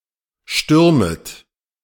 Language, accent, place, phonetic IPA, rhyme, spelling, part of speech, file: German, Germany, Berlin, [ˈʃtʏʁmət], -ʏʁmət, stürmet, verb, De-stürmet.ogg
- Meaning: second-person plural subjunctive I of stürmen